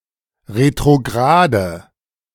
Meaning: inflection of retrograd: 1. strong/mixed nominative/accusative feminine singular 2. strong nominative/accusative plural 3. weak nominative all-gender singular
- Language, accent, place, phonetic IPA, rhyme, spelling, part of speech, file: German, Germany, Berlin, [ʁetʁoˈɡʁaːdə], -aːdə, retrograde, adjective, De-retrograde.ogg